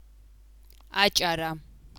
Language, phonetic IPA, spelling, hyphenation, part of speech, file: Georgian, [ät͡ʃʼäɾä], აჭარა, აჭა‧რა, proper noun / noun, Adjara.ogg
- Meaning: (proper noun) Adjara; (noun) spelt (Triticum spelta)